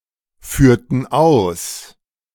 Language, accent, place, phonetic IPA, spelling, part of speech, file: German, Germany, Berlin, [ˌfyːɐ̯tn̩ ˈaʊ̯s], führten aus, verb, De-führten aus.ogg
- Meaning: inflection of ausführen: 1. first/third-person plural preterite 2. first/third-person plural subjunctive II